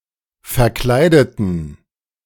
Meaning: inflection of verkleiden: 1. first/third-person plural preterite 2. first/third-person plural subjunctive II
- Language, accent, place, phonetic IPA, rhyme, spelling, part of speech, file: German, Germany, Berlin, [fɛɐ̯ˈklaɪ̯dətn̩], -aɪ̯dətn̩, verkleideten, adjective / verb, De-verkleideten.ogg